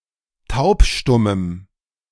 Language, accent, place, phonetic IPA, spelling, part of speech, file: German, Germany, Berlin, [ˈtaʊ̯pˌʃtʊməm], taubstummem, adjective, De-taubstummem.ogg
- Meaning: strong dative masculine/neuter singular of taubstumm